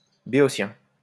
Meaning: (adjective) 1. of Boeotia; Boeotian 2. Boeotian, philistine (lacking in appreciation for art or culture); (noun) 1. Boeotian (dialect) 2. Boeotian, philistine 3. layperson
- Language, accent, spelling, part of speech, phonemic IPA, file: French, France, béotien, adjective / noun, /be.ɔ.sjɛ̃/, LL-Q150 (fra)-béotien.wav